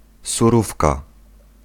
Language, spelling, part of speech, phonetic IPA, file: Polish, surówka, noun, [suˈrufka], Pl-surówka.ogg